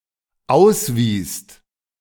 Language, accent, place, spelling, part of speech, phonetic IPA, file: German, Germany, Berlin, auswiest, verb, [ˈaʊ̯sˌviːst], De-auswiest.ogg
- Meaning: second-person singular/plural dependent preterite of ausweisen